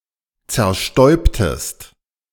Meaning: inflection of zerstäuben: 1. second-person singular preterite 2. second-person singular subjunctive II
- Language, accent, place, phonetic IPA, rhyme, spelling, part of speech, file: German, Germany, Berlin, [t͡sɛɐ̯ˈʃtɔɪ̯ptəst], -ɔɪ̯ptəst, zerstäubtest, verb, De-zerstäubtest.ogg